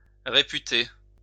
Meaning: to repute
- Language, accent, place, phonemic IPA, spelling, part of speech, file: French, France, Lyon, /ʁe.py.te/, réputer, verb, LL-Q150 (fra)-réputer.wav